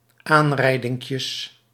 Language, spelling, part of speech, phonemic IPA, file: Dutch, aanrijdinkjes, noun, /ˈanrɛidɪŋkjəs/, Nl-aanrijdinkjes.ogg
- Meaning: plural of aanrijdinkje